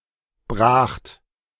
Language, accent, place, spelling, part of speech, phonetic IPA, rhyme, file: German, Germany, Berlin, bracht, verb, [bʁaːxt], -aːxt, De-bracht.ogg
- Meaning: 1. second-person plural preterite of brechen 2. obsolete form of gebracht